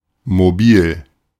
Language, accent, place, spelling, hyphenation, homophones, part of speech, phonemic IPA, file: German, Germany, Berlin, mobil, mo‧bil, Mobil, adjective, /moˈbiːl/, De-mobil.ogg
- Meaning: mobile